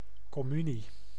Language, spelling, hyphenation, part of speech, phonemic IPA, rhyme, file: Dutch, communie, com‧mu‧nie, noun, /ˌkɔˈmy.ni/, -yni, Nl-communie.ogg
- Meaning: communion